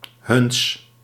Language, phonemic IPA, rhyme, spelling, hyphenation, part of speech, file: Dutch, /ɦʏns/, -ʏns, huns, huns, determiner / pronoun, Nl-huns.ogg
- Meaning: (determiner) genitive masculine/neuter of hun (“their”); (pronoun) genitive of zij (“they”)